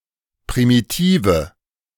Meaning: inflection of primitiv: 1. strong/mixed nominative/accusative feminine singular 2. strong nominative/accusative plural 3. weak nominative all-gender singular
- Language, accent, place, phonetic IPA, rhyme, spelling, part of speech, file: German, Germany, Berlin, [pʁimiˈtiːvə], -iːvə, primitive, adjective, De-primitive.ogg